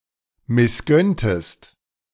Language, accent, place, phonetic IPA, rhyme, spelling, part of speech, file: German, Germany, Berlin, [mɪsˈɡœntəst], -œntəst, missgönntest, verb, De-missgönntest.ogg
- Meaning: inflection of missgönnen: 1. second-person singular preterite 2. second-person singular subjunctive II